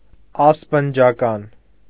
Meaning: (adjective) hospitable; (noun) host
- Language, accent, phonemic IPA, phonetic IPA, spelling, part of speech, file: Armenian, Eastern Armenian, /ɑspənd͡ʒɑˈkɑn/, [ɑspənd͡ʒɑkɑ́n], ասպնջական, adjective / noun, Hy-ասպնջական.ogg